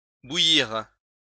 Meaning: third-person plural past historic of bouillir
- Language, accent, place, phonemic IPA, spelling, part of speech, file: French, France, Lyon, /bu.jiʁ/, bouillirent, verb, LL-Q150 (fra)-bouillirent.wav